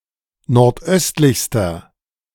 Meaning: inflection of nordöstlich: 1. strong/mixed nominative masculine singular superlative degree 2. strong genitive/dative feminine singular superlative degree 3. strong genitive plural superlative degree
- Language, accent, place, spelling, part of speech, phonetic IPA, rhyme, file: German, Germany, Berlin, nordöstlichster, adjective, [nɔʁtˈʔœstlɪçstɐ], -œstlɪçstɐ, De-nordöstlichster.ogg